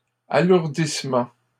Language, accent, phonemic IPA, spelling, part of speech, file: French, Canada, /a.luʁ.dis.mɑ̃/, alourdissement, noun, LL-Q150 (fra)-alourdissement.wav
- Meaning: weighing down (act of weighing down)